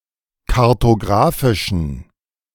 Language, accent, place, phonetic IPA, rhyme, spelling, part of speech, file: German, Germany, Berlin, [kaʁtoˈɡʁaːfɪʃn̩], -aːfɪʃn̩, kartografischen, adjective, De-kartografischen.ogg
- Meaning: inflection of kartografisch: 1. strong genitive masculine/neuter singular 2. weak/mixed genitive/dative all-gender singular 3. strong/weak/mixed accusative masculine singular 4. strong dative plural